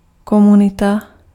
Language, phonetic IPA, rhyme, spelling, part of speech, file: Czech, [ˈkomunɪta], -ɪta, komunita, noun, Cs-komunita.ogg
- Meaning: community